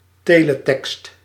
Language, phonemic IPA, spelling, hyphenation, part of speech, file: Dutch, /ˈteː.ləˌtɛkst/, teletekst, te‧le‧tekst, noun, Nl-teletekst.ogg
- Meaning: Teletext